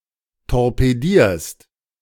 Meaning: second-person singular present of torpedieren
- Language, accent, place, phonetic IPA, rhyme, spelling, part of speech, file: German, Germany, Berlin, [tɔʁpeˈdiːɐ̯st], -iːɐ̯st, torpedierst, verb, De-torpedierst.ogg